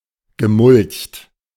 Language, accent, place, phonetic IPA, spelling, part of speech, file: German, Germany, Berlin, [ɡəˈmʊlçt], gemulcht, verb, De-gemulcht.ogg
- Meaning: past participle of mulchen